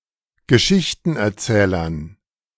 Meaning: dative plural of Geschichtenerzähler
- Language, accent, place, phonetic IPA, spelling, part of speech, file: German, Germany, Berlin, [ɡəˈʃɪçtn̩ʔɛɐ̯ˌt͡sɛːlɐn], Geschichtenerzählern, noun, De-Geschichtenerzählern.ogg